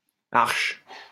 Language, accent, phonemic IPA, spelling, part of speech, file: French, France, /aʁʃ/, Arches, proper noun, LL-Q150 (fra)-Arches.wav
- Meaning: 1. Arches (a small town and commune of Vosges department, Grand Est, France) 2. Arches (a small village and commune of Cantal department, Auvergne-Rhône-Alpes, France)